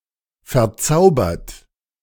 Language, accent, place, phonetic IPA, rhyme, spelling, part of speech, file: German, Germany, Berlin, [fɛɐ̯ˈt͡saʊ̯bɐt], -aʊ̯bɐt, verzaubert, verb, De-verzaubert.ogg
- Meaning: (verb) past participle of verzaubern; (adjective) 1. enchanted, charmed 2. spellbound 3. transformed, changed into